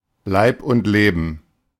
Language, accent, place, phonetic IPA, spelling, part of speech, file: German, Germany, Berlin, [ˈlaɪ̯p ˌʔʊnt ˈleːbn̩], Leib und Leben, noun, De-Leib und Leben.ogg
- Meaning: life and limb